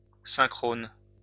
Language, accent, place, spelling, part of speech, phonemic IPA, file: French, France, Lyon, synchrone, adjective, /sɛ̃.kʁɔn/, LL-Q150 (fra)-synchrone.wav
- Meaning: synchronous